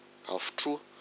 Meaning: volcano
- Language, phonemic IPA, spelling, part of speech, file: Malagasy, /afut͡ʂuạ/, afotroa, noun, Mg-afotroa.ogg